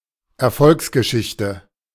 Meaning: success story
- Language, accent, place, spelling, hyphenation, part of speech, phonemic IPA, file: German, Germany, Berlin, Erfolgsgeschichte, Er‧folgs‧ge‧schich‧te, noun, /ɛɐ̯ˈfɔlksɡəˌʃɪçtə/, De-Erfolgsgeschichte.ogg